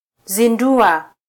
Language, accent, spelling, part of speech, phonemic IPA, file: Swahili, Kenya, zindua, verb, /ziˈⁿdu.ɑ/, Sw-ke-zindua.flac
- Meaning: Conversive form of -zinda: 1. to launch, to inaugurate 2. to awaken, arouse 3. to disenchant